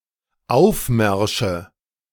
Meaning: nominative/accusative/genitive plural of Aufmarsch
- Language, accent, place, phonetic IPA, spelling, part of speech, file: German, Germany, Berlin, [ˈaʊ̯fˌmɛʁʃə], Aufmärsche, noun, De-Aufmärsche.ogg